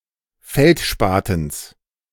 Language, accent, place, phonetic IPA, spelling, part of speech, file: German, Germany, Berlin, [ˈfɛltˌʃpaːtn̩s], Feldspatens, noun, De-Feldspatens.ogg
- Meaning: genitive singular of Feldspaten